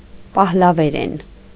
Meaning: Middle Persian
- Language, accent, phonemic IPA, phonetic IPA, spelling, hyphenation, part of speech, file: Armenian, Eastern Armenian, /pɑhlɑveˈɾen/, [pɑhlɑveɾén], պահլավերեն, պահ‧լա‧վե‧րեն, noun, Hy-պահլավերեն.ogg